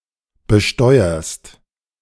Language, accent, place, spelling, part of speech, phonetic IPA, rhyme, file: German, Germany, Berlin, besteuerst, verb, [bəˈʃtɔɪ̯ɐst], -ɔɪ̯ɐst, De-besteuerst.ogg
- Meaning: second-person singular present of besteuern